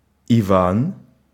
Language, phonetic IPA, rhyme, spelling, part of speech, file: Russian, [ɪˈvan], -an, Иван, proper noun, Ru-Иван.ogg
- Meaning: 1. a male given name, Ivan, equivalent to English John 2. an Ivan (a Russian everyman) 3. clipping of Ива́н-дура́к (Iván-durák) 4. India (The cyrillic letter и in spelling alphabet)